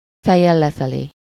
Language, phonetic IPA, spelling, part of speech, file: Hungarian, [ˈfɛjːɛl ˌlɛfɛleː], fejjel lefelé, adverb, Hu-fejjel lefelé.ogg
- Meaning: upside down